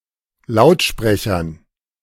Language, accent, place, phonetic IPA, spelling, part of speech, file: German, Germany, Berlin, [ˈlaʊ̯tˌʃpʁɛçɐn], Lautsprechern, noun, De-Lautsprechern.ogg
- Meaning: dative plural of Lautsprecher